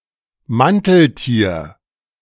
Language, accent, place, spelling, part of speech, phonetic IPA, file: German, Germany, Berlin, Manteltier, noun, [ˈmantl̩ˌtiːɐ̯], De-Manteltier.ogg
- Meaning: tunicate